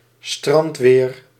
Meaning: pleasant weather that makes people (want to) go to the beach
- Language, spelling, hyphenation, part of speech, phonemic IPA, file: Dutch, strandweer, strand‧weer, noun, /ˈstrɑnt.ʋeːr/, Nl-strandweer.ogg